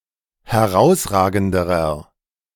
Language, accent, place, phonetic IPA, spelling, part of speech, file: German, Germany, Berlin, [hɛˈʁaʊ̯sˌʁaːɡn̩dəʁɐ], herausragenderer, adjective, De-herausragenderer.ogg
- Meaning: inflection of herausragend: 1. strong/mixed nominative masculine singular comparative degree 2. strong genitive/dative feminine singular comparative degree 3. strong genitive plural comparative degree